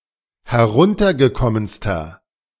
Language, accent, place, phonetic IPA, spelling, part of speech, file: German, Germany, Berlin, [hɛˈʁʊntɐɡəˌkɔmənstɐ], heruntergekommenster, adjective, De-heruntergekommenster.ogg
- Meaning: inflection of heruntergekommen: 1. strong/mixed nominative masculine singular superlative degree 2. strong genitive/dative feminine singular superlative degree